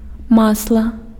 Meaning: 1. butter (a soft, fatty foodstuff made by churning the cream of milk) 2. oil (petroleum-based liquid used as fuel or lubricant)
- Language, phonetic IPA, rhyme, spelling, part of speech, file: Belarusian, [ˈmasɫa], -asɫa, масла, noun, Be-масла.ogg